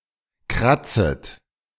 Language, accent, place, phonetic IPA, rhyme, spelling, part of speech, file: German, Germany, Berlin, [ˈkʁat͡sət], -at͡sət, kratzet, verb, De-kratzet.ogg
- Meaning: second-person plural subjunctive I of kratzen